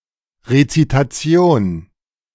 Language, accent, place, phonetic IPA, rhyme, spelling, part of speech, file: German, Germany, Berlin, [ʁet͡sitaˈt͡si̯oːn], -oːn, Rezitation, noun, De-Rezitation.ogg
- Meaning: recitation